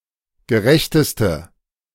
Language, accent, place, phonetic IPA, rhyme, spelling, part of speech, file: German, Germany, Berlin, [ɡəˈʁɛçtəstə], -ɛçtəstə, gerechteste, adjective, De-gerechteste.ogg
- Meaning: inflection of gerecht: 1. strong/mixed nominative/accusative feminine singular superlative degree 2. strong nominative/accusative plural superlative degree